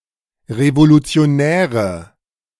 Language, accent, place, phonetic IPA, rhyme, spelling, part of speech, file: German, Germany, Berlin, [ʁevolut͡si̯oˈnɛːʁə], -ɛːʁə, revolutionäre, adjective, De-revolutionäre.ogg
- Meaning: inflection of revolutionär: 1. strong/mixed nominative/accusative feminine singular 2. strong nominative/accusative plural 3. weak nominative all-gender singular